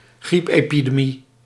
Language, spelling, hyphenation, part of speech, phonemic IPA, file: Dutch, griepepidemie, griep‧epi‧de‧mie, noun, /ˈɣrip.eː.pi.deːˌmi/, Nl-griepepidemie.ogg
- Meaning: a flu epidemic